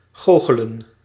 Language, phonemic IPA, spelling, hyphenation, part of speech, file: Dutch, /ˈɣoː.xə.lə(n)/, goochelen, goo‧che‧len, verb, Nl-goochelen.ogg
- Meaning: to perform magic tricks